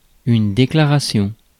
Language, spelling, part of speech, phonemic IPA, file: French, déclaration, noun, /de.kla.ʁa.sjɔ̃/, Fr-déclaration.ogg
- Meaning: declaration (written or oral indication of a fact, opinion, or belief)